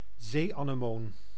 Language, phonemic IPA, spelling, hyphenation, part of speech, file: Dutch, /ˈzeː.aː.nəˌmoːn/, zeeanemoon, zee‧ane‧moon, noun, Nl-zeeanemoon.ogg
- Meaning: sea anemone, animal of the order Actiniaria